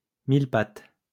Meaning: millipede (elongated arthropods)
- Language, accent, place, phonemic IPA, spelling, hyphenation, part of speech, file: French, France, Lyon, /mil.pat/, mille-pattes, mille-pattes, noun, LL-Q150 (fra)-mille-pattes.wav